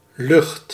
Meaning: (noun) 1. air (mixture of gases) 2. sky 3. odour, smell; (verb) inflection of luchten: 1. singular present indicative 2. imperative
- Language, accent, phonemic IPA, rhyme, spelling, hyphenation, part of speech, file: Dutch, Netherlands, /lʏxt/, -ʏxt, lucht, lucht, noun / verb, Nl-lucht.ogg